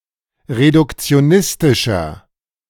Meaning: inflection of reduktionistisch: 1. strong/mixed nominative masculine singular 2. strong genitive/dative feminine singular 3. strong genitive plural
- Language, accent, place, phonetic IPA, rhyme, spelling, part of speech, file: German, Germany, Berlin, [ʁedʊkt͡si̯oˈnɪstɪʃɐ], -ɪstɪʃɐ, reduktionistischer, adjective, De-reduktionistischer.ogg